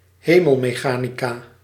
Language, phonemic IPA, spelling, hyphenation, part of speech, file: Dutch, /ˈɦeː.məl.meːˌxaː.ni.kaː/, hemelmechanica, he‧mel‧me‧cha‧ni‧ca, noun, Nl-hemelmechanica.ogg
- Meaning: celestial mechanics